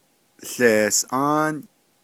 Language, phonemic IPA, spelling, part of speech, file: Navajo, /ɬèːsʔɑ́ːn/, łeesʼáán, noun, Nv-łeesʼáán.ogg
- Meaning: bread (a type made from maize, and baked in ashes or in an outdoor oven)